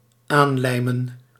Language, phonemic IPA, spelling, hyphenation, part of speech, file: Dutch, /ˈaːnˌlɛi̯.mə(n)/, aanlijmen, aan‧lij‧men, verb, Nl-aanlijmen.ogg
- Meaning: to affix by means of gluing, to glue on